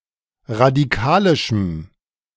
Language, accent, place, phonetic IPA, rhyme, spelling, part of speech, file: German, Germany, Berlin, [ʁadiˈkaːlɪʃm̩], -aːlɪʃm̩, radikalischem, adjective, De-radikalischem.ogg
- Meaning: strong dative masculine/neuter singular of radikalisch